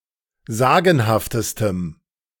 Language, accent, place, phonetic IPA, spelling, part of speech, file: German, Germany, Berlin, [ˈzaːɡn̩haftəstəm], sagenhaftestem, adjective, De-sagenhaftestem.ogg
- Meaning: strong dative masculine/neuter singular superlative degree of sagenhaft